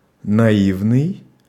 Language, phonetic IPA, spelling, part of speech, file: Russian, [nɐˈivnɨj], наивный, adjective, Ru-наивный.ogg
- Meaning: naive, ingenuous, unsophisticated